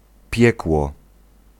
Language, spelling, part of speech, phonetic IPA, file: Polish, piekło, noun / verb, [ˈpʲjɛkwɔ], Pl-piekło.ogg